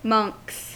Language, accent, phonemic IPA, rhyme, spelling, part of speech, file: English, US, /mʌŋks/, -ʌŋks, monks, noun / verb, En-us-monks.ogg
- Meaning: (noun) plural of monk; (verb) third-person singular simple present indicative of monk